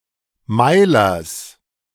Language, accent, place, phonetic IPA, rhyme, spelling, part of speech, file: German, Germany, Berlin, [ˈmaɪ̯lɐs], -aɪ̯lɐs, Meilers, noun, De-Meilers.ogg
- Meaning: genitive singular of Meiler